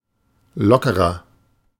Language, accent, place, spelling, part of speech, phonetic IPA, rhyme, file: German, Germany, Berlin, lockerer, adjective, [ˈlɔkəʁɐ], -ɔkəʁɐ, De-lockerer.ogg
- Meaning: inflection of locker: 1. strong/mixed nominative masculine singular 2. strong genitive/dative feminine singular 3. strong genitive plural